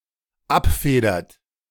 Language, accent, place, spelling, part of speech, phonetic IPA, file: German, Germany, Berlin, abfedert, verb, [ˈapˌfeːdɐt], De-abfedert.ogg
- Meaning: inflection of abfedern: 1. third-person singular dependent present 2. second-person plural dependent present